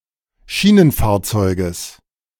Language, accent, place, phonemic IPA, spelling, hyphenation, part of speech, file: German, Germany, Berlin, /ˈʃiːnənˌfaːɐ̯t͡sɔɪ̯ɡəs/, Schienenfahrzeuges, Schie‧nen‧fahr‧zeu‧ges, noun, De-Schienenfahrzeuges.ogg
- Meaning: genitive singular of Schienenfahrzeug